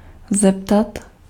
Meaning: to ask (another or oneself)
- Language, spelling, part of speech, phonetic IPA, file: Czech, zeptat, verb, [ˈzɛptat], Cs-zeptat.ogg